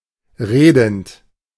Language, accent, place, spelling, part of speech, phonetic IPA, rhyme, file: German, Germany, Berlin, redend, verb, [ˈʁeːdn̩t], -eːdn̩t, De-redend.ogg
- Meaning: present participle of reden